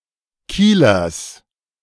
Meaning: genitive singular of Kieler
- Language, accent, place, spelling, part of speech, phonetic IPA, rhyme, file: German, Germany, Berlin, Kielers, noun, [ˈkiːlɐs], -iːlɐs, De-Kielers.ogg